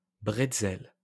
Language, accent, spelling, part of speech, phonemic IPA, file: French, France, bretzel, noun, /bʁɛt.sɛl/, LL-Q150 (fra)-bretzel.wav
- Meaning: pretzel